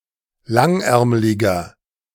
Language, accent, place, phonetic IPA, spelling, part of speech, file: German, Germany, Berlin, [ˈlaŋˌʔɛʁmlɪɡɐ], langärmliger, adjective, De-langärmliger.ogg
- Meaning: inflection of langärmlig: 1. strong/mixed nominative masculine singular 2. strong genitive/dative feminine singular 3. strong genitive plural